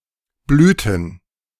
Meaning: inflection of blühen: 1. first/third-person plural preterite 2. first/third-person plural subjunctive II
- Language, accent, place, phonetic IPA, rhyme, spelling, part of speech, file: German, Germany, Berlin, [ˈblyːtn̩], -yːtn̩, blühten, verb, De-blühten.ogg